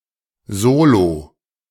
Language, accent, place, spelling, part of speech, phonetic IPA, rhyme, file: German, Germany, Berlin, Solo, noun, [ˈzoːlo], -oːlo, De-Solo.ogg
- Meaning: solo (piece of music for one)